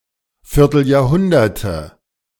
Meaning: nominative/accusative/genitive plural of Vierteljahrhundert
- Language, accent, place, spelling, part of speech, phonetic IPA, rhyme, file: German, Germany, Berlin, Vierteljahrhunderte, noun, [fɪʁtl̩jaːɐ̯ˈhʊndɐtə], -ʊndɐtə, De-Vierteljahrhunderte.ogg